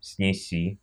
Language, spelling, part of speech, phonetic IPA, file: Russian, снеси, verb, [snʲɪˈsʲi], Ru-снеси́.ogg
- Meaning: second-person singular imperative perfective of снести́ (snestí)